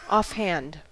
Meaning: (adjective) 1. Without planning or thinking ahead 2. Careless; without sufficient thought or consideration 3. Curt, abrupt, unfriendly; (adverb) Right away, immediately, without thinking about it
- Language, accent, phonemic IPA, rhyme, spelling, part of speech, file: English, US, /ˌɔfˈhænd/, -ænd, offhand, adjective / adverb, En-us-offhand.ogg